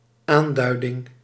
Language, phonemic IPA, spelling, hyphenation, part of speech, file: Dutch, /ˈaːnˌdœy̯.dɪŋ/, aanduiding, aan‧dui‧ding, noun, Nl-aanduiding.ogg
- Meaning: 1. mark 2. indication, designation